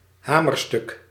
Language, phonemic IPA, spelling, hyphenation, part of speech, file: Dutch, /ˈɦaː.mərˌstʏk/, hamerstuk, ha‧mer‧stuk, noun, Nl-hamerstuk.ogg
- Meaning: 1. a piece of legislation that is accepted without plenary discussion 2. anything that is rubber stamped